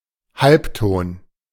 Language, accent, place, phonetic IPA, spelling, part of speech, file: German, Germany, Berlin, [ˈhalpˌtoːn], Halbton, noun, De-Halbton.ogg
- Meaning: semitone, half-step